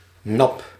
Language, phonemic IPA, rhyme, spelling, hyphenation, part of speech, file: Dutch, /nɑp/, -ɑp, nap, nap, noun, Nl-nap.ogg
- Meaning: drinking cup